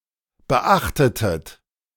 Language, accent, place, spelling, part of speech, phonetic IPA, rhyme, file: German, Germany, Berlin, beachtetet, verb, [bəˈʔaxtətət], -axtətət, De-beachtetet.ogg
- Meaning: inflection of beachten: 1. second-person plural preterite 2. second-person plural subjunctive II